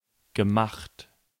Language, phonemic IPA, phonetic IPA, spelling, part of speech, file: German, /ɡəˈmaxt/, [ɡəˈmaχt], gemacht, verb, De-gemacht.ogg
- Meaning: past participle of machen